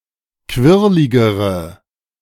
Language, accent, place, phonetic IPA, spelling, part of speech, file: German, Germany, Berlin, [ˈkvɪʁlɪɡəʁə], quirligere, adjective, De-quirligere.ogg
- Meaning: inflection of quirlig: 1. strong/mixed nominative/accusative feminine singular comparative degree 2. strong nominative/accusative plural comparative degree